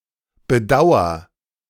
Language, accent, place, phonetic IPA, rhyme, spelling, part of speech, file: German, Germany, Berlin, [bəˈdaʊ̯ɐ], -aʊ̯ɐ, bedauer, verb, De-bedauer.ogg
- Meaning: inflection of bedauern: 1. first-person singular present 2. singular imperative